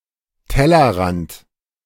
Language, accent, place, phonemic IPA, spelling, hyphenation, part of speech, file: German, Germany, Berlin, /ˈtɛlɐˌʁant/, Tellerrand, Tel‧ler‧rand, noun, De-Tellerrand.ogg
- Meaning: 1. edge, rim of plate 2. horizon (range or limit of one's knowledge or experience)